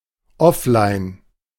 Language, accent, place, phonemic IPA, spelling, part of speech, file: German, Germany, Berlin, /ˈɔflaɪ̯n/, offline, adjective, De-offline.ogg
- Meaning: offline